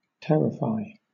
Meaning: 1. To frighten greatly; to fill with terror 2. To menace or intimidate 3. To make terrible
- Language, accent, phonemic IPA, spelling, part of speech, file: English, Southern England, /ˈtɛɹɪfaɪ/, terrify, verb, LL-Q1860 (eng)-terrify.wav